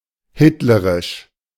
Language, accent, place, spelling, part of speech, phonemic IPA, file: German, Germany, Berlin, hitlerisch, adjective, /ˈhɪtləʁɪʃ/, De-hitlerisch.ogg
- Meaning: Hitlerish